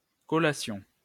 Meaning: 1. the process of granting an academic degree 2. a snack 3. specifically, a light snack usually taken between breakfast and lunch (often employed as the analogue of English brunch)
- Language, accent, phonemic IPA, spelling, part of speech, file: French, France, /kɔ.la.sjɔ̃/, collation, noun, LL-Q150 (fra)-collation.wav